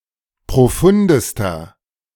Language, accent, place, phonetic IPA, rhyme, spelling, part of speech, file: German, Germany, Berlin, [pʁoˈfʊndəstɐ], -ʊndəstɐ, profundester, adjective, De-profundester.ogg
- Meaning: inflection of profund: 1. strong/mixed nominative masculine singular superlative degree 2. strong genitive/dative feminine singular superlative degree 3. strong genitive plural superlative degree